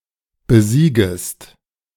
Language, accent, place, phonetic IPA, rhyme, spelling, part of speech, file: German, Germany, Berlin, [bəˈziːɡəst], -iːɡəst, besiegest, verb, De-besiegest.ogg
- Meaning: second-person singular subjunctive I of besiegen